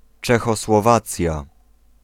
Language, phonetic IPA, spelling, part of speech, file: Polish, [ˌt͡ʃɛxɔswɔˈvat͡sʲja], Czechosłowacja, proper noun, Pl-Czechosłowacja.ogg